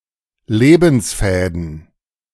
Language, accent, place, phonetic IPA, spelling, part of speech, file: German, Germany, Berlin, [ˈleːbn̩sˌfɛːdn̩], Lebensfäden, noun, De-Lebensfäden.ogg
- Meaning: plural of Lebensfaden